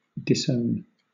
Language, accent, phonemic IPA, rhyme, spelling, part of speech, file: English, Southern England, /dɪsˈəʊn/, -əʊn, disown, verb, LL-Q1860 (eng)-disown.wav
- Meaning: 1. To refuse to own, or to refuse to acknowledge one’s own 2. To repudiate any connection to; to renounce